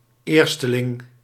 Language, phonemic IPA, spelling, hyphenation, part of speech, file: Dutch, /ˈeːr.stəˌlɪŋ/, eersteling, eer‧ste‧ling, noun, Nl-eersteling.ogg
- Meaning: 1. the first fruits of a field or flock 2. the first-born